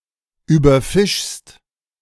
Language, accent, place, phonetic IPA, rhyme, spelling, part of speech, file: German, Germany, Berlin, [yːbɐˈfɪʃst], -ɪʃst, überfischst, verb, De-überfischst.ogg
- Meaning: second-person singular present of überfischen